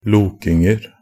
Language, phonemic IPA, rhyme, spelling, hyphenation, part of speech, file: Norwegian Bokmål, /ˈluːkɪŋər/, -ər, lokinger, lo‧king‧er, noun, Nb-lokinger.ogg
- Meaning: indefinite plural of loking